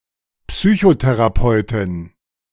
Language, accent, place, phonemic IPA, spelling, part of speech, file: German, Germany, Berlin, /ˈpsyːçoterapɔɪ̯tɪn/, Psychotherapeutin, noun, De-Psychotherapeutin.ogg
- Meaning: psychotherapist (female)